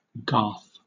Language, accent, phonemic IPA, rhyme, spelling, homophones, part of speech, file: English, Southern England, /ɡɑː(ɹ)θ/, -ɑː(ɹ)θ, garth, Garth, noun, LL-Q1860 (eng)-garth.wav
- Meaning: 1. A grassy quadrangle surrounded by cloisters 2. A close; a yard; a croft; a garden 3. A clearing in the woods; as such, part of many placenames in Northern England